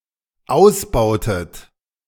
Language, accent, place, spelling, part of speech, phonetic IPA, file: German, Germany, Berlin, ausbautet, verb, [ˈaʊ̯sˌbaʊ̯tət], De-ausbautet.ogg
- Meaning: inflection of ausbauen: 1. second-person plural dependent preterite 2. second-person plural dependent subjunctive II